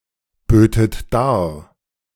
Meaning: second-person plural subjunctive II of darbieten
- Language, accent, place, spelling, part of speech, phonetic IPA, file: German, Germany, Berlin, bötet dar, verb, [ˌbøːtət ˈdaːɐ̯], De-bötet dar.ogg